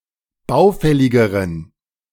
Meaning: inflection of baufällig: 1. strong genitive masculine/neuter singular comparative degree 2. weak/mixed genitive/dative all-gender singular comparative degree
- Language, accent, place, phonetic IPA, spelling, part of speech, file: German, Germany, Berlin, [ˈbaʊ̯ˌfɛlɪɡəʁən], baufälligeren, adjective, De-baufälligeren.ogg